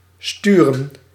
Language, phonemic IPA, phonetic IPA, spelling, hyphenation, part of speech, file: Dutch, /ˈstyrə(n)/, [ˈstyːrə(n)], sturen, stu‧ren, verb / noun, Nl-sturen.ogg
- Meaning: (verb) 1. to steer, guide 2. to send; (noun) plural of stuur